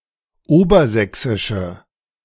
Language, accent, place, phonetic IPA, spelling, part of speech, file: German, Germany, Berlin, [ˈoːbɐˌzɛksɪʃə], obersächsische, adjective, De-obersächsische.ogg
- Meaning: inflection of obersächsisch: 1. strong/mixed nominative/accusative feminine singular 2. strong nominative/accusative plural 3. weak nominative all-gender singular